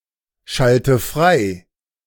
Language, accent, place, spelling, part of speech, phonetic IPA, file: German, Germany, Berlin, schalte frei, verb, [ˌʃaltə ˈfʁaɪ̯], De-schalte frei.ogg
- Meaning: inflection of freischalten: 1. first-person singular present 2. first/third-person singular subjunctive I 3. singular imperative